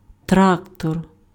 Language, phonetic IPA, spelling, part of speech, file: Ukrainian, [ˈtraktɔr], трактор, noun, Uk-трактор.ogg
- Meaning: tractor